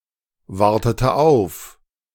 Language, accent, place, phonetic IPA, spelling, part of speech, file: German, Germany, Berlin, [ˌvaʁtətə ˈaʊ̯f], wartete auf, verb, De-wartete auf.ogg
- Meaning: inflection of aufwarten: 1. first/third-person singular preterite 2. first/third-person singular subjunctive II